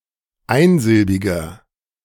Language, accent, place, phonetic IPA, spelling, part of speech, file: German, Germany, Berlin, [ˈaɪ̯nˌzɪlbɪɡɐ], einsilbiger, adjective, De-einsilbiger.ogg
- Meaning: 1. comparative degree of einsilbig 2. inflection of einsilbig: strong/mixed nominative masculine singular 3. inflection of einsilbig: strong genitive/dative feminine singular